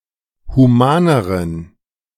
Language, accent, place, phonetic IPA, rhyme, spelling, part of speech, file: German, Germany, Berlin, [huˈmaːnəʁən], -aːnəʁən, humaneren, adjective, De-humaneren.ogg
- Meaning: inflection of human: 1. strong genitive masculine/neuter singular comparative degree 2. weak/mixed genitive/dative all-gender singular comparative degree